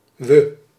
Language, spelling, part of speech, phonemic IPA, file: Dutch, we, pronoun, /ʋə/, Nl-we.ogg
- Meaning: unstressed form of wij (“we”)